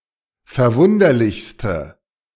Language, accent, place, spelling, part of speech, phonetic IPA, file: German, Germany, Berlin, verwunderlichste, adjective, [fɛɐ̯ˈvʊndɐlɪçstə], De-verwunderlichste.ogg
- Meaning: inflection of verwunderlich: 1. strong/mixed nominative/accusative feminine singular superlative degree 2. strong nominative/accusative plural superlative degree